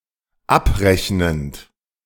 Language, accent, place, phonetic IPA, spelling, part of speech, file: German, Germany, Berlin, [ˈapˌʁɛçnənt], abrechnend, verb, De-abrechnend.ogg
- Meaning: present participle of abrechnen